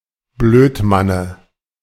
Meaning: dative singular of Blödmann
- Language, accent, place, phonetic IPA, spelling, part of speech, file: German, Germany, Berlin, [ˈbløːtˌmanə], Blödmanne, noun, De-Blödmanne.ogg